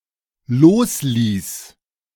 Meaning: first/third-person singular dependent preterite of loslassen
- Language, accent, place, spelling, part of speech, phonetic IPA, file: German, Germany, Berlin, losließ, verb, [ˈloːsˌliːs], De-losließ.ogg